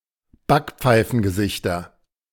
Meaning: nominative/accusative/genitive plural of Backpfeifengesicht
- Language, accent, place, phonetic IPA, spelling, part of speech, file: German, Germany, Berlin, [ˈbakp͡faɪ̯fn̩ɡəˌzɪçtɐ], Backpfeifengesichter, noun, De-Backpfeifengesichter.ogg